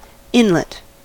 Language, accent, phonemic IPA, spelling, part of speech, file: English, US, /ˈɪnlət/, inlet, noun, En-us-inlet.ogg
- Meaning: 1. A body of water let into a coast, such as a bay, cove, fjord or estuary 2. A passage that leads into a cavity